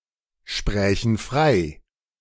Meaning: first-person plural subjunctive II of freisprechen
- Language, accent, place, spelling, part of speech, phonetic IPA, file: German, Germany, Berlin, sprächen frei, verb, [ˌʃpʁɛːçn̩ ˈfʁaɪ̯], De-sprächen frei.ogg